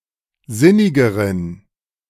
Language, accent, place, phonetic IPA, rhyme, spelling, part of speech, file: German, Germany, Berlin, [ˈzɪnɪɡəʁən], -ɪnɪɡəʁən, sinnigeren, adjective, De-sinnigeren.ogg
- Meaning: inflection of sinnig: 1. strong genitive masculine/neuter singular comparative degree 2. weak/mixed genitive/dative all-gender singular comparative degree